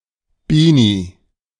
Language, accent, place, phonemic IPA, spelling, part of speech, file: German, Germany, Berlin, /ˈbiːni/, Beanie, noun, De-Beanie.ogg
- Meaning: beanie (hat)